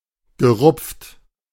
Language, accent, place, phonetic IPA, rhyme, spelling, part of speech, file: German, Germany, Berlin, [ɡəˈʁʊp͡ft], -ʊp͡ft, gerupft, verb, De-gerupft.ogg
- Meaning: past participle of rupfen